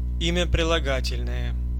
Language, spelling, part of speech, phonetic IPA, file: Russian, имя прилагательное, noun, [ˈimʲə prʲɪɫɐˈɡatʲɪlʲnəjə], Ru-имя прилагательное.ogg
- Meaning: adjective